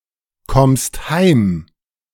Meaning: second-person singular present of heimkommen
- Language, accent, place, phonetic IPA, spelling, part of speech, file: German, Germany, Berlin, [ˌkɔmst ˈhaɪ̯m], kommst heim, verb, De-kommst heim.ogg